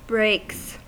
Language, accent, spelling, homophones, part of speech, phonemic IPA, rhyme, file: English, US, breaks, brakes, noun / verb, /bɹeɪks/, -eɪks, En-us-breaks.ogg
- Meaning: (noun) plural of break; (verb) third-person singular simple present indicative of break